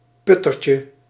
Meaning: diminutive of putter
- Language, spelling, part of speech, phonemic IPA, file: Dutch, puttertje, noun, /ˈpʏtərcə/, Nl-puttertje.ogg